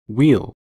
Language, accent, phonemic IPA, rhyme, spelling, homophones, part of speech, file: English, US, /wil/, -iːl, weel, weal / wheel, noun / verb, En-us-weel.ogg
- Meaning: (noun) 1. A trap for catching fish; a weely 2. An arrangement of hairs that keeps insects out of flowers 3. A whirlpool; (verb) Pronunciation spelling of will, representing Latino-accented English